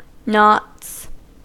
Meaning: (noun) plural of knot; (verb) third-person singular simple present indicative of knot
- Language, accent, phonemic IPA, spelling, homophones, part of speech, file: English, US, /nɑts/, knots, nots, noun / verb, En-us-knots.ogg